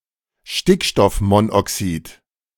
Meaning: nitric oxide
- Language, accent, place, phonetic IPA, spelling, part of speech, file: German, Germany, Berlin, [ˈʃtɪkʃtɔfˌmonʔɔksiːt], Stickstoffmonoxid, noun, De-Stickstoffmonoxid.ogg